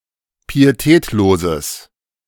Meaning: strong/mixed nominative/accusative neuter singular of pietätlos
- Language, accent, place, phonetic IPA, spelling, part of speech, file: German, Germany, Berlin, [piːeˈtɛːtloːzəs], pietätloses, adjective, De-pietätloses.ogg